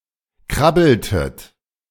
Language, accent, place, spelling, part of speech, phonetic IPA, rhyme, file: German, Germany, Berlin, krabbeltet, verb, [ˈkʁabl̩tət], -abl̩tət, De-krabbeltet.ogg
- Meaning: inflection of krabbeln: 1. second-person plural preterite 2. second-person plural subjunctive II